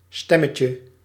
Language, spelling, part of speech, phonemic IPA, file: Dutch, stemmetje, noun, /ˈstɛməcə/, Nl-stemmetje.ogg
- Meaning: diminutive of stem